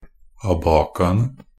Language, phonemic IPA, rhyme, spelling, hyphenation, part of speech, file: Norwegian Bokmål, /aˈbɑːkaənə/, -ənə, abacaene, a‧ba‧ca‧en‧e, noun, NB - Pronunciation of Norwegian Bokmål «abacaene».ogg
- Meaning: definite plural of abaca